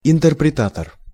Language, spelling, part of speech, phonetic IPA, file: Russian, интерпретатор, noun, [ɪntɨrprʲɪˈtatər], Ru-интерпретатор.ogg
- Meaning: 1. expositor 2. interpreter